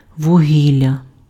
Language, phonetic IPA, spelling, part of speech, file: Ukrainian, [wʊˈɦʲilʲːɐ], вугілля, noun, Uk-вугілля.ogg
- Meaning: coal